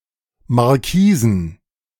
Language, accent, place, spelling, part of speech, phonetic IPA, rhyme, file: German, Germany, Berlin, Markisen, noun, [ˌmaʁˈkiːzn̩], -iːzn̩, De-Markisen.ogg
- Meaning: plural of Markise